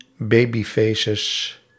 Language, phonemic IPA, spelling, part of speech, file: Dutch, /ˈbebifesəs/, babyfaces, noun, Nl-babyfaces.ogg
- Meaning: plural of babyface